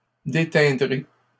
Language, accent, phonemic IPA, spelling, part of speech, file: French, Canada, /de.tɛ̃.dʁe/, déteindrez, verb, LL-Q150 (fra)-déteindrez.wav
- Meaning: second-person plural simple future of déteindre